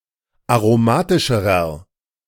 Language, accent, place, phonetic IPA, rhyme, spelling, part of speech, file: German, Germany, Berlin, [aʁoˈmaːtɪʃəʁɐ], -aːtɪʃəʁɐ, aromatischerer, adjective, De-aromatischerer.ogg
- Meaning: inflection of aromatisch: 1. strong/mixed nominative masculine singular comparative degree 2. strong genitive/dative feminine singular comparative degree 3. strong genitive plural comparative degree